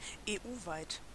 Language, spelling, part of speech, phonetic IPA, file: German, EU-weit, adjective, [eːˈʔuːvaɪ̯t], De-EU-weit.ogg
- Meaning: EU-wide